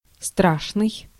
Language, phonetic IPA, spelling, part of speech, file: Russian, [ˈstraʂnɨj], страшный, adjective, Ru-страшный.ogg
- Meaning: 1. terrible, scary [with instrumental or в (v, + prepositional) ‘in (e.g. one's rage)’] (literally or as an intensifier) 2. ugly